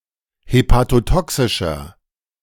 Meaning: inflection of hepatotoxisch: 1. strong/mixed nominative masculine singular 2. strong genitive/dative feminine singular 3. strong genitive plural
- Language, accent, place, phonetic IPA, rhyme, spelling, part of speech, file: German, Germany, Berlin, [hepatoˈtɔksɪʃɐ], -ɔksɪʃɐ, hepatotoxischer, adjective, De-hepatotoxischer.ogg